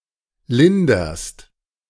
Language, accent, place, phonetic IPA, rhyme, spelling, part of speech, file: German, Germany, Berlin, [ˈlɪndɐst], -ɪndɐst, linderst, verb, De-linderst.ogg
- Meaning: second-person singular present of lindern